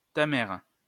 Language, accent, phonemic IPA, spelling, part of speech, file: French, France, /ta mɛʁ/, ta mère, interjection, LL-Q150 (fra)-ta mère.wav
- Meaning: 1. your mom 2. fuck off!